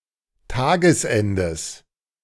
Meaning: genitive of Tagesende
- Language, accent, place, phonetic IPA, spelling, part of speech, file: German, Germany, Berlin, [ˈtaːɡəsˌʔɛndəs], Tagesendes, noun, De-Tagesendes.ogg